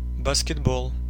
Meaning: basketball (sport only)
- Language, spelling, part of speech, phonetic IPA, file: Russian, баскетбол, noun, [bəskʲɪdˈboɫ], Ru-баскетбол.ogg